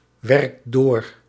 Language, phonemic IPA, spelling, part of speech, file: Dutch, /ˈwɛrᵊkt ˈdor/, werkt door, verb, Nl-werkt door.ogg
- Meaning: inflection of doorwerken: 1. second/third-person singular present indicative 2. plural imperative